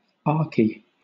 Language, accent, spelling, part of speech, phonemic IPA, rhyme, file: English, Southern England, arche, noun, /ˈɑː(ɹ)ki/, -ɑː(ɹ)ki, LL-Q1860 (eng)-arche.wav
- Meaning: The first principle of existing things in pre-Socratic philosophy, initially assumed to be of water